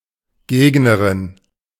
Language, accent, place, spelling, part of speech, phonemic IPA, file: German, Germany, Berlin, Gegnerin, noun, /ˈɡeːknɐʁɪn/, De-Gegnerin.ogg
- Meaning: adversary, opponent (sexless, or female)